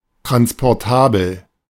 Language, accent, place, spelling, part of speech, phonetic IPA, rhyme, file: German, Germany, Berlin, transportabel, adjective, [tʁanspɔʁˈtaːbl̩], -aːbl̩, De-transportabel.ogg
- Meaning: transportable